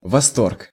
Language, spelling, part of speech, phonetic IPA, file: Russian, восторг, noun, [vɐˈstork], Ru-восторг.ogg
- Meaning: 1. rapture, ecstasy, delight 2. admiration